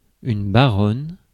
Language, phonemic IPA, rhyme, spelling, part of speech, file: French, /ba.ʁɔn/, -ɔn, baronne, noun, Fr-baronne.ogg
- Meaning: baroness